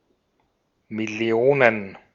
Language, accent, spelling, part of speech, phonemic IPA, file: German, Austria, Millionen, noun, /mɪˈli̯oːnən/, De-at-Millionen.ogg
- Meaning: plural of Million